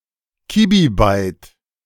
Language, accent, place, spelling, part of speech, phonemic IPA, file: German, Germany, Berlin, Kibibyte, noun, /ˈkiːbiˌbaɪ̯t/, De-Kibibyte.ogg
- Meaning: kibibyte (1,024 bytes)